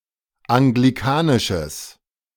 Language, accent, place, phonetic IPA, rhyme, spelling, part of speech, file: German, Germany, Berlin, [aŋɡliˈkaːnɪʃəs], -aːnɪʃəs, anglikanisches, adjective, De-anglikanisches.ogg
- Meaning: strong/mixed nominative/accusative neuter singular of anglikanisch